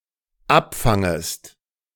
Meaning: second-person singular dependent subjunctive I of abfangen
- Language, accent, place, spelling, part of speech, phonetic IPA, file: German, Germany, Berlin, abfangest, verb, [ˈapˌfaŋəst], De-abfangest.ogg